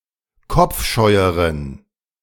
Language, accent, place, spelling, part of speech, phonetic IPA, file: German, Germany, Berlin, kopfscheueren, adjective, [ˈkɔp͡fˌʃɔɪ̯əʁən], De-kopfscheueren.ogg
- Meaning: inflection of kopfscheu: 1. strong genitive masculine/neuter singular comparative degree 2. weak/mixed genitive/dative all-gender singular comparative degree